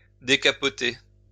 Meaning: to put down the soft top / hood of a convertible (car)
- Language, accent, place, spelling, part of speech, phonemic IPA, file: French, France, Lyon, décapoter, verb, /de.ka.pɔ.te/, LL-Q150 (fra)-décapoter.wav